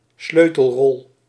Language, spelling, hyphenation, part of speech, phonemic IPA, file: Dutch, sleutelrol, sleu‧tel‧rol, noun, /ˈsløː.təlˌrɔl/, Nl-sleutelrol.ogg
- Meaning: key role, crucial role